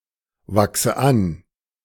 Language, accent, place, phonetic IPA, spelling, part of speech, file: German, Germany, Berlin, [ˌvaksə ˈan], wachse an, verb, De-wachse an.ogg
- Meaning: inflection of anwachsen: 1. first-person singular present 2. first/third-person singular subjunctive I 3. singular imperative